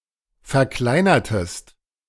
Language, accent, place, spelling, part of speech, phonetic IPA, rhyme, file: German, Germany, Berlin, verkleinertest, verb, [fɛɐ̯ˈklaɪ̯nɐtəst], -aɪ̯nɐtəst, De-verkleinertest.ogg
- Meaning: inflection of verkleinern: 1. second-person singular preterite 2. second-person singular subjunctive II